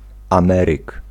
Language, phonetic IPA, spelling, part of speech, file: Polish, [ãˈmɛrɨk], ameryk, noun, Pl-ameryk.ogg